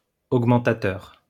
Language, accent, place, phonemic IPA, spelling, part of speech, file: French, France, Lyon, /oɡ.mɑ̃.ta.tœʁ/, augmentateur, adjective, LL-Q150 (fra)-augmentateur.wav
- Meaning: augmentative